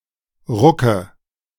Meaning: nominative/accusative/genitive plural of Ruck
- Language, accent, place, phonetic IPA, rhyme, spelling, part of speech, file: German, Germany, Berlin, [ˈʁʊkə], -ʊkə, Rucke, noun, De-Rucke.ogg